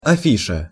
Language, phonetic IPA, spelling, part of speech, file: Russian, [ɐˈfʲiʂə], афиша, noun, Ru-афиша.ogg
- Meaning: bill, poster, placard